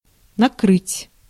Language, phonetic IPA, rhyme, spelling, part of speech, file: Russian, [nɐˈkrɨtʲ], -ɨtʲ, накрыть, verb, Ru-накрыть.ogg
- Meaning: 1. to cover (from above, e.g. with a lid) 2. to hit, to place fire on a target, to trap (from above, e.g. of artillery fire or bombing) 3. to lay (a table) 4. to catch (in the act)